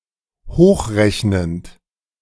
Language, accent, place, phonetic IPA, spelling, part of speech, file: German, Germany, Berlin, [ˈhoːxˌʁɛçnənt], hochrechnend, verb, De-hochrechnend.ogg
- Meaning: present participle of hochrechnen